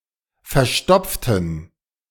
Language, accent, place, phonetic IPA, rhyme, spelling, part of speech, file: German, Germany, Berlin, [fɛɐ̯ˈʃtɔp͡ftn̩], -ɔp͡ftn̩, verstopften, adjective, De-verstopften.ogg
- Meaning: inflection of verstopfen: 1. first/third-person plural preterite 2. first/third-person plural subjunctive II